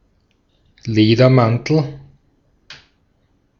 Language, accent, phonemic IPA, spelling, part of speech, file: German, Austria, /ˈleːdɐˌmantl̩/, Ledermantel, noun, De-at-Ledermantel.ogg
- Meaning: leather coat